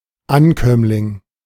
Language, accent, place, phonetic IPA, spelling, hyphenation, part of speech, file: German, Germany, Berlin, [ˈanˌkœmlɪŋ], Ankömmling, An‧kömm‧ling, noun, De-Ankömmling.ogg
- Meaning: arrival, new arrival, newcomer, newly arrived person